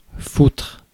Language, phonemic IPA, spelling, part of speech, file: French, /futʁ/, foutre, verb / noun, Fr-foutre.ogg
- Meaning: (verb) 1. to do, to fuck around with, to dick around, to fritter, to tinker 2. to give 3. to put on/in (quickly), to shove, to stick, to stash